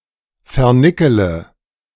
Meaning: inflection of vernickeln: 1. first-person singular present 2. first-person plural subjunctive I 3. third-person singular subjunctive I 4. singular imperative
- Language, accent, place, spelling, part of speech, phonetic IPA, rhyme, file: German, Germany, Berlin, vernickele, verb, [fɛɐ̯ˈnɪkələ], -ɪkələ, De-vernickele.ogg